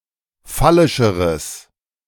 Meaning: strong/mixed nominative/accusative neuter singular comparative degree of phallisch
- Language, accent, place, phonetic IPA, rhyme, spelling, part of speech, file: German, Germany, Berlin, [ˈfalɪʃəʁəs], -alɪʃəʁəs, phallischeres, adjective, De-phallischeres.ogg